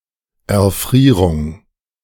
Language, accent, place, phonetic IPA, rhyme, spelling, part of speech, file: German, Germany, Berlin, [ɛɐ̯ˈfʁiːʁʊŋ], -iːʁʊŋ, Erfrierung, noun, De-Erfrierung.ogg
- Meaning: frostbite